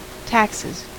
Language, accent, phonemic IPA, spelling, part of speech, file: English, US, /ˈtæksɪz/, taxes, noun / verb, En-us-taxes.ogg
- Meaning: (noun) plural of tax; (verb) third-person singular simple present indicative of tax